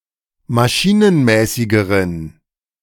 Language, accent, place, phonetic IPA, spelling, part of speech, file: German, Germany, Berlin, [maˈʃiːnənˌmɛːsɪɡəʁən], maschinenmäßigeren, adjective, De-maschinenmäßigeren.ogg
- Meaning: inflection of maschinenmäßig: 1. strong genitive masculine/neuter singular comparative degree 2. weak/mixed genitive/dative all-gender singular comparative degree